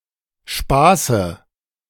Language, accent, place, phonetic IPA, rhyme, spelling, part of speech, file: German, Germany, Berlin, [ˈʃpaːsə], -aːsə, Spaße, noun, De-Spaße.ogg
- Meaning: dative of Spaß